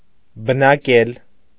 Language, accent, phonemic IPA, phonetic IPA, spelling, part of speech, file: Armenian, Eastern Armenian, /bənɑˈkel/, [bənɑkél], բնակել, verb, Hy-բնակել.ogg
- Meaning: 1. to live, reside, dwell 2. to settle